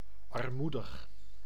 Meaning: 1. poor (suffering from poverty) 2. shabby
- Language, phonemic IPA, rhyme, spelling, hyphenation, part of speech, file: Dutch, /ɑrˈmu.dəx/, -udəx, armoedig, ar‧moe‧dig, adjective, Nl-armoedig.ogg